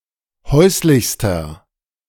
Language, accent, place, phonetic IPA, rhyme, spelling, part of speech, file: German, Germany, Berlin, [ˈhɔɪ̯slɪçstɐ], -ɔɪ̯slɪçstɐ, häuslichster, adjective, De-häuslichster.ogg
- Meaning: inflection of häuslich: 1. strong/mixed nominative masculine singular superlative degree 2. strong genitive/dative feminine singular superlative degree 3. strong genitive plural superlative degree